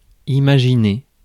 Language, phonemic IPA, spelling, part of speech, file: French, /i.ma.ʒi.ne/, imaginer, verb, Fr-imaginer.ogg
- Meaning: to imagine